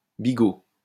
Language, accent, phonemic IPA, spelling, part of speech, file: French, France, /bi.ɡo/, bigo, noun, LL-Q150 (fra)-bigo.wav
- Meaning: mobile phone